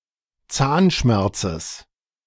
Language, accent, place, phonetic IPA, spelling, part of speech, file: German, Germany, Berlin, [ˈt͡saːnˌʃmɛʁt͡səs], Zahnschmerzes, noun, De-Zahnschmerzes.ogg
- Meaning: genitive singular of Zahnschmerz